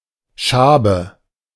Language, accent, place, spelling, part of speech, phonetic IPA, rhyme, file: German, Germany, Berlin, Schabe, noun, [ˈʃaːbə], -aːbə, De-Schabe.ogg
- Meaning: 1. scraper, flat instrument with a handle used for scraping 2. cockroach 3. scabies